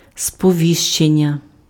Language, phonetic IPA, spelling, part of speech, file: Ukrainian, [spɔˈʋʲiʃt͡ʃenʲːɐ], сповіщення, noun, Uk-сповіщення.ogg
- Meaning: 1. verbal noun of сповісти́ти pf (spovistýty) 2. notification